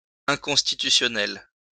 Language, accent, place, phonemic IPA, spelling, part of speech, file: French, France, Lyon, /ɛ̃.kɔ̃s.ti.ty.sjɔ.nɛl/, inconstitutionnel, adjective, LL-Q150 (fra)-inconstitutionnel.wav
- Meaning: unconstitutional